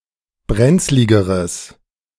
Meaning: strong/mixed nominative/accusative neuter singular comparative degree of brenzlig
- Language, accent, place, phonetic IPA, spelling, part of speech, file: German, Germany, Berlin, [ˈbʁɛnt͡slɪɡəʁəs], brenzligeres, adjective, De-brenzligeres.ogg